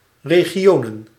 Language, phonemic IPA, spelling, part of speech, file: Dutch, /reɣiˈjonə(n)/, regionen, noun, Nl-regionen.ogg
- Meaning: plural of regio